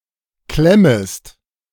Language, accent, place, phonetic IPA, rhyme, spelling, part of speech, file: German, Germany, Berlin, [ˈklɛməst], -ɛməst, klemmest, verb, De-klemmest.ogg
- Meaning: second-person singular subjunctive I of klemmen